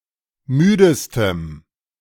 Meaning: strong dative masculine/neuter singular superlative degree of müde
- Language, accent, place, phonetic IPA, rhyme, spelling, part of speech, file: German, Germany, Berlin, [ˈmyːdəstəm], -yːdəstəm, müdestem, adjective, De-müdestem.ogg